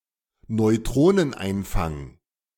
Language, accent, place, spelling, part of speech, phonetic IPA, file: German, Germany, Berlin, Neutroneneinfang, noun, [nɔɪ̯ˈtʁoːnənˌʔaɪ̯nfaŋ], De-Neutroneneinfang.ogg
- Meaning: neutron capture